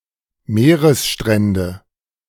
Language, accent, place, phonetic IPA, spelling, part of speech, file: German, Germany, Berlin, [ˈmeːʁəsˌʃtʁɛndə], Meeresstrände, noun, De-Meeresstrände.ogg
- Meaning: nominative/accusative/genitive plural of Meeresstrand